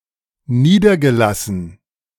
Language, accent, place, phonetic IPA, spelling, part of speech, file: German, Germany, Berlin, [ˈniːdɐɡəˌlasn̩], niedergelassen, adjective / verb, De-niedergelassen.ogg
- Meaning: past participle of niederlassen